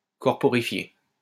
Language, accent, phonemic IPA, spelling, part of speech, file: French, France, /kɔʁ.pɔ.ʁi.fje/, corporifier, verb, LL-Q150 (fra)-corporifier.wav
- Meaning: to corporify